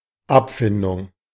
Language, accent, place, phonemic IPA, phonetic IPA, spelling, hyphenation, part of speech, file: German, Germany, Berlin, /ˈapˌfɪndʊŋ/, [ˈʔapˌfɪndʊŋ], Abfindung, Ab‧fin‧dung, noun, De-Abfindung.ogg
- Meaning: settlement, compensation